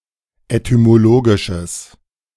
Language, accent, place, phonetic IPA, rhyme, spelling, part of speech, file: German, Germany, Berlin, [etymoˈloːɡɪʃəs], -oːɡɪʃəs, etymologisches, adjective, De-etymologisches.ogg
- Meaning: strong/mixed nominative/accusative neuter singular of etymologisch